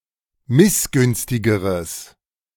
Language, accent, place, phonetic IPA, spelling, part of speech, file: German, Germany, Berlin, [ˈmɪsˌɡʏnstɪɡəʁəs], missgünstigeres, adjective, De-missgünstigeres.ogg
- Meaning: strong/mixed nominative/accusative neuter singular comparative degree of missgünstig